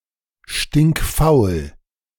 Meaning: lazy as hell
- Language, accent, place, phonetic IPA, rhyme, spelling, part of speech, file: German, Germany, Berlin, [ˌʃtɪŋkˈfaʊ̯l], -aʊ̯l, stinkfaul, adjective, De-stinkfaul.ogg